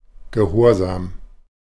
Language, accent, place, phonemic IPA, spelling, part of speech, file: German, Germany, Berlin, /ɡəˈhoːɐ̯ˌzaːm/, gehorsam, adjective, De-gehorsam.ogg
- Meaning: obedient